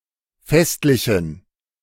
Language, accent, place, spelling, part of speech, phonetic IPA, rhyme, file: German, Germany, Berlin, festlichen, adjective, [ˈfɛstlɪçn̩], -ɛstlɪçn̩, De-festlichen.ogg
- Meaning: inflection of festlich: 1. strong genitive masculine/neuter singular 2. weak/mixed genitive/dative all-gender singular 3. strong/weak/mixed accusative masculine singular 4. strong dative plural